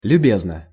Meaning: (adverb) friendly (in a friendly manner); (adjective) short neuter singular of любе́зный (ljubéznyj)
- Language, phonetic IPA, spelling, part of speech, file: Russian, [lʲʉˈbʲeznə], любезно, adverb / adjective, Ru-любезно.ogg